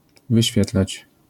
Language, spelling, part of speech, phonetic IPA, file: Polish, wyświetlać, verb, [vɨˈɕfʲjɛtlat͡ɕ], LL-Q809 (pol)-wyświetlać.wav